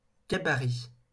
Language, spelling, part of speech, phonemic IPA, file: French, gabarit, noun, /ɡa.ba.ʁi/, LL-Q150 (fra)-gabarit.wav
- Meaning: 1. template, pattern, mould 2. gauge, standard, regulation 3. clearance, (rail transport) loading gauge 4. build, size, calibre 5. template